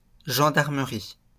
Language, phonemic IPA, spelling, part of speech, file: French, /ʒɑ̃.daʁ.mə.ʁi/, gendarmerie, noun, LL-Q150 (fra)-gendarmerie.wav
- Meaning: the military branch of the French police service